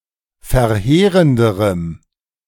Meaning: strong dative masculine/neuter singular comparative degree of verheerend
- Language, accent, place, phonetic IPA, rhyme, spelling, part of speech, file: German, Germany, Berlin, [fɛɐ̯ˈheːʁəndəʁəm], -eːʁəndəʁəm, verheerenderem, adjective, De-verheerenderem.ogg